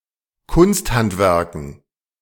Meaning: dative plural of Kunsthandwerk
- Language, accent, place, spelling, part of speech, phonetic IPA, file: German, Germany, Berlin, Kunsthandwerken, noun, [ˈkʊnstˌhantvɛʁkn̩], De-Kunsthandwerken.ogg